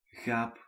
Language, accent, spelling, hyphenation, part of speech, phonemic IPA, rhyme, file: Dutch, Belgium, gaap, gaap, noun / interjection / verb, /ɣaːp/, -aːp, Nl-gaap.ogg
- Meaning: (noun) yawn; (interjection) an exclamation of sleepiness, boredom or disinterest: yawn!; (noun) geep (cross of a sheep and a goat); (verb) inflection of gapen: first-person singular present indicative